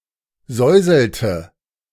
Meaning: inflection of säuseln: 1. first/third-person singular preterite 2. first/third-person singular subjunctive II
- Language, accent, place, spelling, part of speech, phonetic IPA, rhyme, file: German, Germany, Berlin, säuselte, verb, [ˈzɔɪ̯zl̩tə], -ɔɪ̯zl̩tə, De-säuselte.ogg